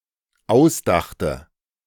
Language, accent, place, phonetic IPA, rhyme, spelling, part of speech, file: German, Germany, Berlin, [ˈaʊ̯sˌdaxtə], -aʊ̯sdaxtə, ausdachte, verb, De-ausdachte.ogg
- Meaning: first/third-person singular dependent preterite of ausdenken